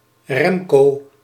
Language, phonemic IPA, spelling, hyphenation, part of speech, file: Dutch, /ˈrɛm.koː/, Remco, Rem‧co, proper noun, Nl-Remco.ogg
- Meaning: a male given name